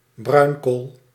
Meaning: lignite, brown coal
- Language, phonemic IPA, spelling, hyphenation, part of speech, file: Dutch, /ˈbrœy̯n.koːl/, bruinkool, bruin‧kool, noun, Nl-bruinkool.ogg